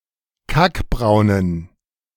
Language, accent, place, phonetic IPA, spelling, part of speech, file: German, Germany, Berlin, [ˈkakˌbʁaʊ̯nən], kackbraunen, adjective, De-kackbraunen.ogg
- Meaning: inflection of kackbraun: 1. strong genitive masculine/neuter singular 2. weak/mixed genitive/dative all-gender singular 3. strong/weak/mixed accusative masculine singular 4. strong dative plural